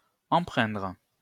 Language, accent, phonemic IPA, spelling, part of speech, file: French, France, /ɑ̃.pʁɛ̃dʁ/, empreindre, verb, LL-Q150 (fra)-empreindre.wav
- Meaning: 1. to imprint 2. to influence 3. to imbue (with) 4. to become imbued (with)